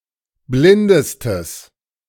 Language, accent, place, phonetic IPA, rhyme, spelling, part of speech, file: German, Germany, Berlin, [ˈblɪndəstəs], -ɪndəstəs, blindestes, adjective, De-blindestes.ogg
- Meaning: strong/mixed nominative/accusative neuter singular superlative degree of blind